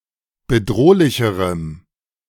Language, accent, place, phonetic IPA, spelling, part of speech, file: German, Germany, Berlin, [bəˈdʁoːlɪçəʁəm], bedrohlicherem, adjective, De-bedrohlicherem.ogg
- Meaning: strong dative masculine/neuter singular comparative degree of bedrohlich